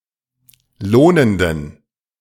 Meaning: inflection of lohnend: 1. strong genitive masculine/neuter singular 2. weak/mixed genitive/dative all-gender singular 3. strong/weak/mixed accusative masculine singular 4. strong dative plural
- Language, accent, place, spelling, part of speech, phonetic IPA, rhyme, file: German, Germany, Berlin, lohnenden, adjective, [ˈloːnəndn̩], -oːnəndn̩, De-lohnenden.ogg